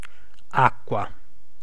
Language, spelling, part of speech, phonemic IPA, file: Italian, acqua, noun, /ˈakkwa/, It-acqua.ogg